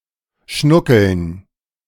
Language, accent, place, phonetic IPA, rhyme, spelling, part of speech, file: German, Germany, Berlin, [ˈʃnʊkl̩n], -ʊkl̩n, Schnuckeln, noun, De-Schnuckeln.ogg
- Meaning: dative plural of Schnuckel